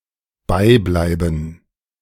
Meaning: to continue
- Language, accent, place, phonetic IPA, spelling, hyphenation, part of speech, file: German, Germany, Berlin, [ˈbaɪ̯ˌblaɪ̯bn̩], beibleiben, bei‧blei‧ben, verb, De-beibleiben.ogg